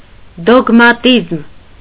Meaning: dogmatism
- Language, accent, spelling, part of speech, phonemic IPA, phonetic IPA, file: Armenian, Eastern Armenian, դոգմատիզմ, noun, /doɡmɑˈtizm/, [doɡmɑtízm], Hy-դոգմատիզմ.ogg